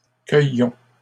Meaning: inflection of cueillir: 1. first-person plural present indicative 2. first-person plural imperative
- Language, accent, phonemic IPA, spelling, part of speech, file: French, Canada, /kœ.jɔ̃/, cueillons, verb, LL-Q150 (fra)-cueillons.wav